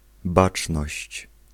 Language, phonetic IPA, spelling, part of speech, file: Polish, [ˈbat͡ʃnɔɕt͡ɕ], baczność, noun / interjection, Pl-baczność.ogg